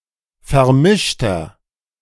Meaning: inflection of vermischt: 1. strong/mixed nominative masculine singular 2. strong genitive/dative feminine singular 3. strong genitive plural
- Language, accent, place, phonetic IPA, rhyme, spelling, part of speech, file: German, Germany, Berlin, [fɛɐ̯ˈmɪʃtɐ], -ɪʃtɐ, vermischter, adjective, De-vermischter.ogg